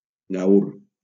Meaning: gaur
- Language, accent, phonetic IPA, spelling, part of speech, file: Catalan, Valencia, [ˈɡawr], gaur, noun, LL-Q7026 (cat)-gaur.wav